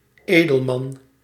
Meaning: nobleman, aristocrat
- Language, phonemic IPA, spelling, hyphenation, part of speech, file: Dutch, /ˈeː.dəlˌmɑn/, edelman, edel‧man, noun, Nl-edelman.ogg